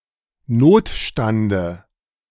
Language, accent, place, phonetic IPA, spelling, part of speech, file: German, Germany, Berlin, [ˈnoːtˌʃtandə], Notstande, noun, De-Notstande.ogg
- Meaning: dative of Notstand